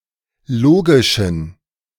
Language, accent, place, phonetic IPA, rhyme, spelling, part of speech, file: German, Germany, Berlin, [ˈloːɡɪʃn̩], -oːɡɪʃn̩, logischen, adjective, De-logischen.ogg
- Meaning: inflection of logisch: 1. strong genitive masculine/neuter singular 2. weak/mixed genitive/dative all-gender singular 3. strong/weak/mixed accusative masculine singular 4. strong dative plural